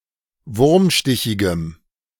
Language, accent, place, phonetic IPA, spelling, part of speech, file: German, Germany, Berlin, [ˈvʊʁmˌʃtɪçɪɡəm], wurmstichigem, adjective, De-wurmstichigem.ogg
- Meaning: strong dative masculine/neuter singular of wurmstichig